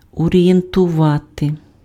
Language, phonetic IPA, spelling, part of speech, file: Ukrainian, [ɔrʲijentʊˈʋate], орієнтувати, verb, Uk-орієнтувати.ogg
- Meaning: to orient, to orientate, to direct